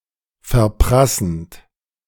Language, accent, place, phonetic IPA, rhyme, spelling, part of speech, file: German, Germany, Berlin, [fɛɐ̯ˈpʁasn̩t], -asn̩t, verprassend, verb, De-verprassend.ogg
- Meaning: present participle of verprassen